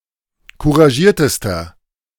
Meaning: inflection of couragiert: 1. strong/mixed nominative masculine singular superlative degree 2. strong genitive/dative feminine singular superlative degree 3. strong genitive plural superlative degree
- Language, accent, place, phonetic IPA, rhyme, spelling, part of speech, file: German, Germany, Berlin, [kuʁaˈʒiːɐ̯təstɐ], -iːɐ̯təstɐ, couragiertester, adjective, De-couragiertester.ogg